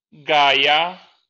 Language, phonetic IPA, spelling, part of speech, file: Polish, [ˈɡaja], Gaja, proper noun, LL-Q809 (pol)-Gaja.wav